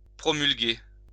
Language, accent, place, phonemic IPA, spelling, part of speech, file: French, France, Lyon, /pʁɔ.myl.ɡe/, promulguer, verb, LL-Q150 (fra)-promulguer.wav
- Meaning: to promulgate (to make known or public)